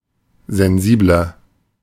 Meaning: 1. comparative degree of sensibel 2. inflection of sensibel: strong/mixed nominative masculine singular 3. inflection of sensibel: strong genitive/dative feminine singular
- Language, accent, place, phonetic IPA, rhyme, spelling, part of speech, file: German, Germany, Berlin, [zɛnˈziːblɐ], -iːblɐ, sensibler, adjective, De-sensibler.ogg